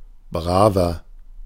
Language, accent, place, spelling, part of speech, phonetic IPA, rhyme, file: German, Germany, Berlin, braver, adjective, [ˈbʁaːvɐ], -aːvɐ, De-braver.ogg
- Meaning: 1. comparative degree of brav 2. inflection of brav: strong/mixed nominative masculine singular 3. inflection of brav: strong genitive/dative feminine singular